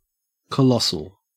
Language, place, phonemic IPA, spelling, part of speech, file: English, Queensland, /kəˈlɔsəl/, colossal, adjective, En-au-colossal.ogg
- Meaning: 1. Extremely large or on a great scale 2. Amazingly spectacular; extraordinary; epic